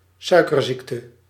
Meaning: diabetes
- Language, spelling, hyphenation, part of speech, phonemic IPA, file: Dutch, suikerziekte, sui‧ker‧ziek‧te, noun, /ˈsœy̯kərˌziktə/, Nl-suikerziekte.ogg